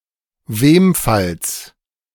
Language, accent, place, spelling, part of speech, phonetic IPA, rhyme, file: German, Germany, Berlin, Wemfalls, noun, [ˈveːmfals], -eːmfals, De-Wemfalls.ogg
- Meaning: genitive singular of Wemfall